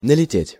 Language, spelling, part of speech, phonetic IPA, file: Russian, налететь, verb, [nəlʲɪˈtʲetʲ], Ru-налететь.ogg
- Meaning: 1. to fly (upon, against), to come flying (to) 2. to bump (into), to run (into), to hit, to collide (with) 3. to raid 4. to get up 5. to fall (on, upon), to swoop down (upon), to rush (at, upon)